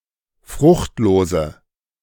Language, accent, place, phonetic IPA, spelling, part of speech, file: German, Germany, Berlin, [ˈfʁʊxtˌloːzə], fruchtlose, adjective, De-fruchtlose.ogg
- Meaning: inflection of fruchtlos: 1. strong/mixed nominative/accusative feminine singular 2. strong nominative/accusative plural 3. weak nominative all-gender singular